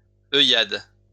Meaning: a wink
- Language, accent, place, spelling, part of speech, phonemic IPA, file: French, France, Lyon, œillade, noun, /œ.jad/, LL-Q150 (fra)-œillade.wav